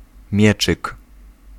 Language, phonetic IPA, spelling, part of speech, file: Polish, [ˈmʲjɛt͡ʃɨk], mieczyk, noun, Pl-mieczyk.ogg